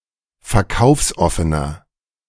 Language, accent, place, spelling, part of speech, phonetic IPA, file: German, Germany, Berlin, verkaufsoffener, adjective, [fɛɐ̯ˈkaʊ̯fsˌʔɔfənɐ], De-verkaufsoffener.ogg
- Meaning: inflection of verkaufsoffen: 1. strong/mixed nominative masculine singular 2. strong genitive/dative feminine singular 3. strong genitive plural